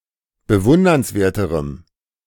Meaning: strong dative masculine/neuter singular comparative degree of bewundernswert
- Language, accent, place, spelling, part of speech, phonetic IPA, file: German, Germany, Berlin, bewundernswerterem, adjective, [bəˈvʊndɐnsˌveːɐ̯təʁəm], De-bewundernswerterem.ogg